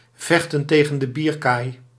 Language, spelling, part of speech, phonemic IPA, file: Dutch, vechten tegen de bierkaai, verb, /ˈvɛx.tə(n)ˌteː.ɣə(n)də ˈbiːr.kaːi̯/, Nl-vechten tegen de bierkaai.ogg
- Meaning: to put in effort in vain, to strive for a lost or impossible cause, to fight a losing battle